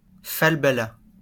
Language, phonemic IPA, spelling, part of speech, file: French, /fal.ba.la/, falbala, noun, LL-Q150 (fra)-falbala.wav
- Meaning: 1. furbelow (ruffle) 2. furbelow (flashy ornament)